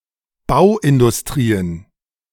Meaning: plural of Bauindustrie
- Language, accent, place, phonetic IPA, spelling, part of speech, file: German, Germany, Berlin, [ˈbaʊ̯ʔɪndʊsˌtʁiːən], Bauindustrien, noun, De-Bauindustrien.ogg